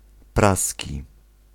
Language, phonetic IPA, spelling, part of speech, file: Polish, [ˈprasʲci], praski, adjective / noun, Pl-praski.ogg